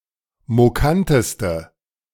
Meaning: inflection of mokant: 1. strong/mixed nominative/accusative feminine singular superlative degree 2. strong nominative/accusative plural superlative degree
- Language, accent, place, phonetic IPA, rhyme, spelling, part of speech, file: German, Germany, Berlin, [moˈkantəstə], -antəstə, mokanteste, adjective, De-mokanteste.ogg